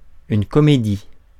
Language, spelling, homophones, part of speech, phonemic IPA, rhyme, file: French, comédie, comédies, noun, /kɔ.me.di/, -i, Fr-comédie.ogg
- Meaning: 1. comedy 2. comedy (genre of theatre, film, television etc.) 3. acting, playacting